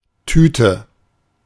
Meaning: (noun) 1. a small to medium-sized bag, usually of paper or plastic (sometimes also of fabric, for which more properly Beutel is used) 2. ellipsis of Eistüte (“ice cream cone”)
- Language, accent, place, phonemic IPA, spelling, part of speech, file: German, Germany, Berlin, /ˈtyː.tə/, Tüte, noun / proper noun, De-Tüte.ogg